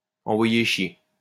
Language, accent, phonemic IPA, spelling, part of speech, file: French, France, /ɑ̃.vwa.je ʃje/, envoyer chier, verb, LL-Q150 (fra)-envoyer chier.wav
- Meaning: to send someone packing, to tell someone to fuck off